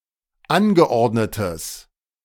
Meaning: strong/mixed nominative/accusative neuter singular of angeordnet
- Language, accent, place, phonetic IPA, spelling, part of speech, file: German, Germany, Berlin, [ˈanɡəˌʔɔʁdnətəs], angeordnetes, adjective, De-angeordnetes.ogg